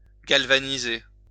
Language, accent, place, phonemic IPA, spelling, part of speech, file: French, France, Lyon, /ɡal.va.ni.ze/, galvaniser, verb, LL-Q150 (fra)-galvaniser.wav
- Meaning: to galvanize